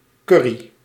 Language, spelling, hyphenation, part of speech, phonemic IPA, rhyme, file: Dutch, curry, cur‧ry, noun, /ˈkʏ.ri/, -ʏri, Nl-curry.ogg
- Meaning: 1. the spicy condiment curry powder 2. a curry dish 3. curry ketchup